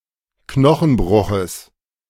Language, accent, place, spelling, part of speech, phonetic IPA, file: German, Germany, Berlin, Knochenbruches, noun, [ˈknɔxn̩ˌbʁʊxəs], De-Knochenbruches.ogg
- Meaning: genitive singular of Knochenbruch